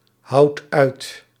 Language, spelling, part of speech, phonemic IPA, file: Dutch, houdt uit, verb, /ˈhɑut ˈœyt/, Nl-houdt uit.ogg
- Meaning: inflection of uithouden: 1. second/third-person singular present indicative 2. plural imperative